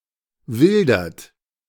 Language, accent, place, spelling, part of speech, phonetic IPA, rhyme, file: German, Germany, Berlin, wildert, verb, [ˈvɪldɐt], -ɪldɐt, De-wildert.ogg
- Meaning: inflection of wildern: 1. third-person singular present 2. second-person plural present 3. plural imperative